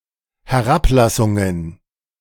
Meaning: plural of Herablassung
- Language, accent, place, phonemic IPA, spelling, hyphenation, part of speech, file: German, Germany, Berlin, /hɛˈʁapˌlasʊŋən/, Herablassungen, He‧r‧ab‧las‧sun‧gen, noun, De-Herablassungen.ogg